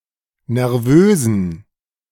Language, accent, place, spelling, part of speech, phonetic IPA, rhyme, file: German, Germany, Berlin, nervösen, adjective, [nɛʁˈvøːzn̩], -øːzn̩, De-nervösen.ogg
- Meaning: inflection of nervös: 1. strong genitive masculine/neuter singular 2. weak/mixed genitive/dative all-gender singular 3. strong/weak/mixed accusative masculine singular 4. strong dative plural